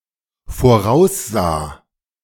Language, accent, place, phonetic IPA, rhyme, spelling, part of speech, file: German, Germany, Berlin, [foˈʁaʊ̯sˌzaː], -aʊ̯szaː, voraussah, verb, De-voraussah.ogg
- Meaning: first/third-person singular dependent preterite of voraussehen